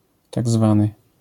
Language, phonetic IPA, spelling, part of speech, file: Polish, [ˈtaɡ ˈzvãnɨ], tak zwany, adjectival phrase, LL-Q809 (pol)-tak zwany.wav